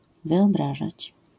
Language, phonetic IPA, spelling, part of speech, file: Polish, [ˌvɨɔˈbraʒat͡ɕ], wyobrażać, verb, LL-Q809 (pol)-wyobrażać.wav